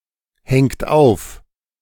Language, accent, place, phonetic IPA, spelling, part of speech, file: German, Germany, Berlin, [ˌhɛŋt ˈaʊ̯f], hängt auf, verb, De-hängt auf.ogg
- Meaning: inflection of aufhängen: 1. third-person singular present 2. second-person plural present 3. plural imperative